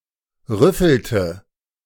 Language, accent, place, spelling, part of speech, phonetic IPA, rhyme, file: German, Germany, Berlin, rüffelte, verb, [ˈʁʏfl̩tə], -ʏfl̩tə, De-rüffelte.ogg
- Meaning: inflection of rüffeln: 1. first/third-person singular preterite 2. first/third-person singular subjunctive II